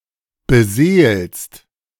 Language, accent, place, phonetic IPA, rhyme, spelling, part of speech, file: German, Germany, Berlin, [bəˈzeːlst], -eːlst, beseelst, verb, De-beseelst.ogg
- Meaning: second-person singular present of beseelen